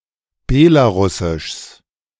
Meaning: genitive singular of Belarusisch
- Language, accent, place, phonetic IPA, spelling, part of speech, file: German, Germany, Berlin, [ˈbɛlaˌʁʊsɪʃs], Belarusischs, noun, De-Belarusischs.ogg